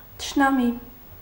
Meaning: enemy
- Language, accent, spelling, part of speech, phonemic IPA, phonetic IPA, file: Armenian, Eastern Armenian, թշնամի, noun, /tʰəʃnɑˈmi/, [tʰəʃnɑmí], Hy-թշնամի.ogg